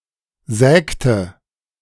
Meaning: inflection of sägen: 1. first/third-person singular preterite 2. first/third-person singular subjunctive II
- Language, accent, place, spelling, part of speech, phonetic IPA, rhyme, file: German, Germany, Berlin, sägte, verb, [ˈzɛːktə], -ɛːktə, De-sägte.ogg